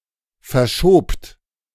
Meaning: second-person plural preterite of verschieben
- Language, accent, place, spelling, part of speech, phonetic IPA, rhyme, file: German, Germany, Berlin, verschobt, verb, [fɛɐ̯ˈʃoːpt], -oːpt, De-verschobt.ogg